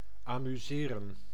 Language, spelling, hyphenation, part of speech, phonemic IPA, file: Dutch, amuseren, amu‧se‧ren, verb, /aːmyˈzeːrə(n)/, Nl-amuseren.ogg
- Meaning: 1. to amuse 2. to amuse oneself, to have fun